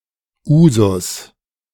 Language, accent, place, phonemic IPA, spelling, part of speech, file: German, Germany, Berlin, /ˈuːzʊs/, Usus, noun, De-Usus.ogg
- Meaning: custom (long-established practice)